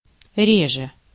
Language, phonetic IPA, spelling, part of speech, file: Russian, [ˈrʲeʐɨ], реже, adverb, Ru-реже.ogg
- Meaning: 1. comparative degree of ре́дкий (rédkij) 2. comparative degree of ре́дко (rédko)